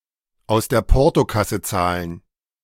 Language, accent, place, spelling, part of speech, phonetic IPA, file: German, Germany, Berlin, aus der Portokasse zahlen, phrase, [aʊ̯s deːɐ̯ ˈpɔʁtoˌkasə ˌt͡saːlən], De-aus der Portokasse zahlen.ogg
- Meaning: to pay out of petty cash, to consider something spare change (to be able to pay a considerable sum easily)